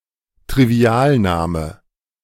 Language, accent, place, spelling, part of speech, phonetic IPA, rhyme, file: German, Germany, Berlin, Trivialname, noun, [tʁiˈvi̯aːlˌnaːmə], -aːlnaːmə, De-Trivialname.ogg
- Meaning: trivial name